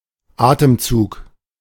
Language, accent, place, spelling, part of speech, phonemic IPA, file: German, Germany, Berlin, Atemzug, noun, /ˈaːtəmt͡suːk/, De-Atemzug.ogg
- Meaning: breath (a single act of breathing in and out)